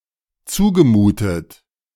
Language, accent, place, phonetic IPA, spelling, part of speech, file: German, Germany, Berlin, [ˈt͡suːɡəˌmuːtət], zugemutet, verb, De-zugemutet.ogg
- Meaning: past participle of zumuten